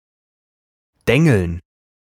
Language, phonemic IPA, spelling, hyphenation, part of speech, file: German, /ˈdɛŋl̩n/, dengeln, den‧geln, verb, De-dengeln.ogg
- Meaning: to peen